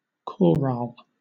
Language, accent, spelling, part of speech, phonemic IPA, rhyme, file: English, Southern England, choral, noun, /ˈkɒɹɑːl/, -ɑːl, LL-Q1860 (eng)-choral.wav
- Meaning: Alternative form of chorale